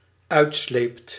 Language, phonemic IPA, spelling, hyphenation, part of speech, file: Dutch, /ˈœy̯tˌsleːpt/, uitsleept, uit‧sleept, verb, Nl-uitsleept.ogg
- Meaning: second-person (gij) singular dependent-clause past indicative of uitslijpen